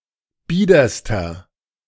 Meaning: inflection of bieder: 1. strong/mixed nominative masculine singular superlative degree 2. strong genitive/dative feminine singular superlative degree 3. strong genitive plural superlative degree
- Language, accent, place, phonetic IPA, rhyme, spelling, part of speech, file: German, Germany, Berlin, [ˈbiːdɐstɐ], -iːdɐstɐ, biederster, adjective, De-biederster.ogg